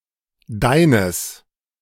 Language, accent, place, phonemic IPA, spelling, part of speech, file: German, Germany, Berlin, /ˈdaɪ̯nəs/, deines, pronoun / determiner, De-deines.ogg
- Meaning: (pronoun) neuter singular of deiner; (determiner) genitive masculine/neuter singular of dein